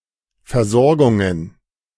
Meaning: plural of Versorgung
- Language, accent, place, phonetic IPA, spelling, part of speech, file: German, Germany, Berlin, [fɛɐ̯ˈzɔʁɡʊŋən], Versorgungen, noun, De-Versorgungen.ogg